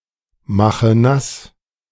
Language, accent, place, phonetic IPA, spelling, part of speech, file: German, Germany, Berlin, [ˌmaxə ˈnas], mache nass, verb, De-mache nass.ogg
- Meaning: inflection of nassmachen: 1. first-person singular present 2. first/third-person singular subjunctive I 3. singular imperative